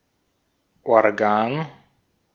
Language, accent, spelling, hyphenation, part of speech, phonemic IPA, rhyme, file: German, Austria, Organ, Or‧gan, noun, /ɔʁˈɡaːn/, -aːn, De-at-Organ.ogg
- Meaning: 1. an organ 2. an organ, a publication (newspaper, etc) of an organization 3. an organ, a body or organization with a particular purpose or duty